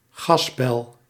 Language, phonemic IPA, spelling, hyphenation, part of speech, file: Dutch, /ˈɣɑs.bɛl/, gasbel, gas‧bel, noun, Nl-gasbel.ogg
- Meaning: 1. gas bubble 2. gas field